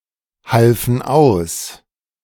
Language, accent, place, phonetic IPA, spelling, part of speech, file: German, Germany, Berlin, [ˌhalfn̩ ˈaʊ̯s], halfen aus, verb, De-halfen aus.ogg
- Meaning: first/third-person plural preterite of aushelfen